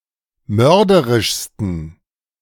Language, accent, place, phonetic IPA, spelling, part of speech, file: German, Germany, Berlin, [ˈmœʁdəʁɪʃstn̩], mörderischsten, adjective, De-mörderischsten.ogg
- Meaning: 1. superlative degree of mörderisch 2. inflection of mörderisch: strong genitive masculine/neuter singular superlative degree